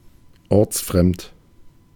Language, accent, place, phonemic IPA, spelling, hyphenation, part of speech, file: German, Germany, Berlin, /ˈɔʁt͡sˌfʁɛmt/, ortsfremd, orts‧fremd, adjective, De-ortsfremd.ogg
- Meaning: nonlocal